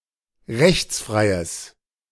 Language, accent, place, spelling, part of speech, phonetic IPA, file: German, Germany, Berlin, rechtsfreies, adjective, [ˈʁɛçt͡sˌfʁaɪ̯əs], De-rechtsfreies.ogg
- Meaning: strong/mixed nominative/accusative neuter singular of rechtsfrei